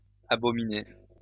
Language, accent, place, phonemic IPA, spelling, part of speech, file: French, France, Lyon, /a.bɔ.mi.ne/, abominez, verb, LL-Q150 (fra)-abominez.wav
- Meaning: inflection of abominer: 1. second-person plural present indicative 2. second-person plural imperative